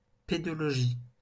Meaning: pedology
- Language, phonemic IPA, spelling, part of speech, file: French, /pe.dɔ.lɔ.ʒi/, pédologie, noun, LL-Q150 (fra)-pédologie.wav